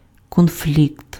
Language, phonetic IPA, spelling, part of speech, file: Ukrainian, [konˈflʲikt], конфлікт, noun, Uk-конфлікт.ogg
- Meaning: conflict